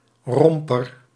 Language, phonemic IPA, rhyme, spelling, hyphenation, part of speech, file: Dutch, /ˈrɔm.pər/, -ɔmpər, romper, rom‧per, noun, Nl-romper.ogg
- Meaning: 1. a one-piece garment for an infant or small child; a onesie or romper 2. an adult loungewear jumpsuit with short sleeves; a onesie or romper